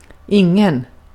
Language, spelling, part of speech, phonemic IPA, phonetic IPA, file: Swedish, ingen, determiner / pronoun, /ˈɪŋˌɛn/, [ˈɪŋːˌɛ̂n], Sv-ingen.ogg
- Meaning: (determiner) 1. no 2. no: none (when the referent is implied, which is often idiomatic in Swedish, similar to after "any" in English in the example); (pronoun) 1. none 2. none: no one, nobody